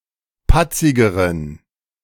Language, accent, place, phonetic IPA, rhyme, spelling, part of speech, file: German, Germany, Berlin, [ˈpat͡sɪɡəʁən], -at͡sɪɡəʁən, patzigeren, adjective, De-patzigeren.ogg
- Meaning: inflection of patzig: 1. strong genitive masculine/neuter singular comparative degree 2. weak/mixed genitive/dative all-gender singular comparative degree